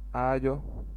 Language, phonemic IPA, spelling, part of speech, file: Wolof, /ʔaːɟɔ/, aajo, noun, Wo-aajo.ogg
- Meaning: 1. attention, regard, consideration 2. needs, concern